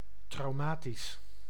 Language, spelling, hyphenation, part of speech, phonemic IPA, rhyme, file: Dutch, traumatisch, trau‧ma‧tisch, adjective, /ˌtrɑu̯ˈmaː.tis/, -aːtis, Nl-traumatisch.ogg
- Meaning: traumatic